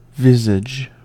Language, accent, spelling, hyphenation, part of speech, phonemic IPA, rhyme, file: English, US, visage, vis‧age, noun, /ˈvɪz.ɪd͡ʒ/, -ɪzɪd͡ʒ, En-us-visage.ogg
- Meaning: 1. Countenance; one's face 2. The appearance or aspect of something, especially when expressive or distinctive